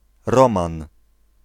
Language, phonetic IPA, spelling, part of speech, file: Polish, [ˈrɔ̃mãn], Roman, proper noun, Pl-Roman.ogg